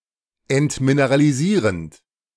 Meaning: present participle of entmineralisieren
- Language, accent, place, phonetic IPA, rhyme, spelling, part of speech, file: German, Germany, Berlin, [ɛntmineʁaliˈziːʁənt], -iːʁənt, entmineralisierend, verb, De-entmineralisierend.ogg